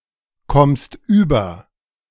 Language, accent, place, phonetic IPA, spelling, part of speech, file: German, Germany, Berlin, [ˈkɔmst yːbɐ], kommst über, verb, De-kommst über.ogg
- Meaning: second-person singular present of überkommen